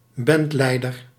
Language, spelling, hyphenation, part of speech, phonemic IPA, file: Dutch, bandleider, band‧lei‧der, noun, /ˈbɛntˌlɛi̯dər/, Nl-bandleider.ogg
- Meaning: bandleader